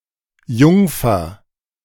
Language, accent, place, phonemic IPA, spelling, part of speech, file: German, Germany, Berlin, /ˈjʊŋ.fɐ/, Jungfer, noun, De-Jungfer.ogg
- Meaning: 1. maid, maiden; virgin 2. unmarried woman; (old) maid, spinster 3. petit (a size of type between Kolonel and Bourgeois, standardized as 8 point)